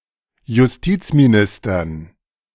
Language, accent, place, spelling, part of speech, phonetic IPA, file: German, Germany, Berlin, Justizministern, noun, [jʊsˈtiːt͡smiˌnɪstɐn], De-Justizministern.ogg
- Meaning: dative plural of Justizminister